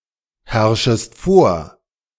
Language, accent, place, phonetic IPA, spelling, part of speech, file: German, Germany, Berlin, [ˌhɛʁʃəst ˈfoːɐ̯], herrschest vor, verb, De-herrschest vor.ogg
- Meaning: second-person singular subjunctive I of vorherrschen